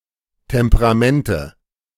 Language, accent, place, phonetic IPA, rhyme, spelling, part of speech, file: German, Germany, Berlin, [tɛmpəʁaˈmɛntə], -ɛntə, Temperamente, noun, De-Temperamente.ogg
- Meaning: nominative/accusative/genitive plural of Temperament